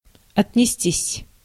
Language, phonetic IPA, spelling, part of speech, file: Russian, [ɐtʲnʲɪˈsʲtʲisʲ], отнестись, verb, Ru-отнестись.ogg
- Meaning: 1. to treat 2. to express one's opinion 3. to address officially 4. passive of отнести́ (otnestí)